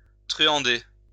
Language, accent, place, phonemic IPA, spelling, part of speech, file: French, France, Lyon, /tʁy.ɑ̃.de/, truander, verb, LL-Q150 (fra)-truander.wav
- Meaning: to con, cheat